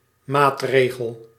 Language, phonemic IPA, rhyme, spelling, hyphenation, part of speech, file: Dutch, /ˈmaːtˌreː.ɣəl/, -əl, maatregel, maat‧re‧gel, noun, Nl-maatregel.ogg
- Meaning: measure (tactic, strategy, or piece of legislation)